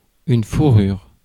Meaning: fur
- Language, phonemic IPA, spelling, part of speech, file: French, /fu.ʁyʁ/, fourrure, noun, Fr-fourrure.ogg